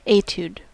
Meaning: A short piece of music, designed to give a performer practice in a particular area or skill
- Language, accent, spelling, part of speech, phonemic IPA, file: English, US, etude, noun, /ˈeɪt(j)ud/, En-us-etude.ogg